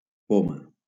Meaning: apple
- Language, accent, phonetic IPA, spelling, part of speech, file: Catalan, Valencia, [ˈpo.ma], poma, noun, LL-Q7026 (cat)-poma.wav